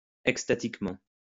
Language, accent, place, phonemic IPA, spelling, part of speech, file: French, France, Lyon, /ɛk.sta.tik.mɑ̃/, extatiquement, adverb, LL-Q150 (fra)-extatiquement.wav
- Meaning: ecstatically